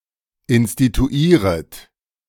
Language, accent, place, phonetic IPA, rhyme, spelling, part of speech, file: German, Germany, Berlin, [ɪnstituˈiːʁət], -iːʁət, instituieret, verb, De-instituieret.ogg
- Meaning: second-person plural subjunctive I of instituieren